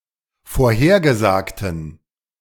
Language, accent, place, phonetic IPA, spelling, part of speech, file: German, Germany, Berlin, [foːɐ̯ˈheːɐ̯ɡəˌzaːktn̩], vorhergesagten, adjective, De-vorhergesagten.ogg
- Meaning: inflection of vorhergesagt: 1. strong genitive masculine/neuter singular 2. weak/mixed genitive/dative all-gender singular 3. strong/weak/mixed accusative masculine singular 4. strong dative plural